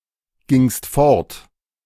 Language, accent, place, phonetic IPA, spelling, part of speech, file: German, Germany, Berlin, [ˌɡɪŋst ˈfɔʁt], gingst fort, verb, De-gingst fort.ogg
- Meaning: second-person singular preterite of fortgehen